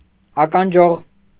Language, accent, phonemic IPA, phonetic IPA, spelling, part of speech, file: Armenian, Eastern Armenian, /ɑkɑnˈd͡ʒoʁ/, [ɑkɑnd͡ʒóʁ], ականջօղ, noun, Hy-ականջօղ.ogg
- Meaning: earring